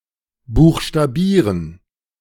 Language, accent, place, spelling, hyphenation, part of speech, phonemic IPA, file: German, Germany, Berlin, buchstabieren, buch‧sta‧bie‧ren, verb, /ˌbuːx.ʃtaˈbiː.rən/, De-buchstabieren.ogg
- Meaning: to spell (name the letters of a word)